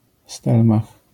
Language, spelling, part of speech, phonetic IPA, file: Polish, stelmach, noun, [ˈstɛlmax], LL-Q809 (pol)-stelmach.wav